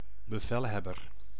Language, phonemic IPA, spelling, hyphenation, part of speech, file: Dutch, /bəˈvɛlˌɦɛ.bər/, bevelhebber, be‧vel‧heb‧ber, noun, Nl-bevelhebber.ogg
- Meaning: commander